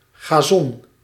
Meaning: lawn
- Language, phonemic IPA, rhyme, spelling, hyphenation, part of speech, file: Dutch, /ɣaːˈzɔn/, -ɔn, gazon, ga‧zon, noun, Nl-gazon.ogg